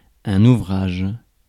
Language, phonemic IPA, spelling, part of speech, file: French, /u.vʁaʒ/, ouvrage, noun, Fr-ouvrage.ogg
- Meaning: 1. work, labour 2. piece of work 3. work, oeuvre 4. book, volume